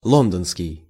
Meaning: London
- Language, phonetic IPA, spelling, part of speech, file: Russian, [ˈɫondənskʲɪj], лондонский, adjective, Ru-лондонский.ogg